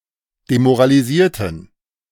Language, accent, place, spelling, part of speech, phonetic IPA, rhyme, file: German, Germany, Berlin, demoralisierten, adjective / verb, [demoʁaliˈziːɐ̯tn̩], -iːɐ̯tn̩, De-demoralisierten.ogg
- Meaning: inflection of demoralisieren: 1. first/third-person plural preterite 2. first/third-person plural subjunctive II